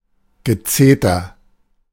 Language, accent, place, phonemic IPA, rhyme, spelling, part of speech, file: German, Germany, Berlin, /ɡəˈt͡seːtɐ/, -eːtɐ, Gezeter, noun, De-Gezeter.ogg
- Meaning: 1. clamor, hue and cry 2. nagging